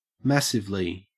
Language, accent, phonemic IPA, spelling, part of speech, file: English, Australia, /ˈmæs.ɪv.li/, massively, adverb, En-au-massively.ogg
- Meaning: 1. In a massive manner, in a way that appears large, heavy or imposing 2. Greatly